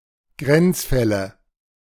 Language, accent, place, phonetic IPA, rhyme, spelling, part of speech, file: German, Germany, Berlin, [ˈɡʁɛnt͡sˌfɛlə], -ɛnt͡sfɛlə, Grenzfälle, noun, De-Grenzfälle.ogg
- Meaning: nominative/accusative/genitive plural of Grenzfall